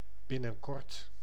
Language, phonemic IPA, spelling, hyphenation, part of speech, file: Dutch, /ˌbɪ.nə(n)ˈkɔrt/, binnenkort, bin‧nen‧kort, adverb, Nl-binnenkort.ogg
- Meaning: soon